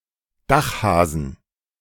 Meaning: 1. plural of Dachhase 2. genitive singular of Dachhase
- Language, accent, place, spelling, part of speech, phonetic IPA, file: German, Germany, Berlin, Dachhasen, noun, [ˈdaxhaːzn̩], De-Dachhasen.ogg